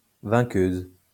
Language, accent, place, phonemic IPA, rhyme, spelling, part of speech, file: French, France, Lyon, /vɛ̃.køz/, -øz, vainqueuse, noun, LL-Q150 (fra)-vainqueuse.wav
- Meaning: female equivalent of vainqueur